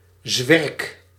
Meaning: 1. cloud 2. cloud cover
- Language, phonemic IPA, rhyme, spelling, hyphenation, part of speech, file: Dutch, /zʋɛrk/, -ɛrk, zwerk, zwerk, noun, Nl-zwerk.ogg